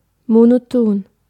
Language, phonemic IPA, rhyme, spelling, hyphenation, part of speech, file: German, /monoˈtoːn/, -oːn, monoton, mo‧no‧ton, adjective, De-monoton.ogg
- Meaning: 1. monotonous, monotone (having an unvarying tone or pitch) 2. monotonous (tedious, without variation) 3. monotone